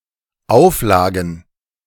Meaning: plural of Auflage
- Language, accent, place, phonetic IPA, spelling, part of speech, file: German, Germany, Berlin, [ˈaʊ̯fˌlaːɡn̩], Auflagen, noun, De-Auflagen.ogg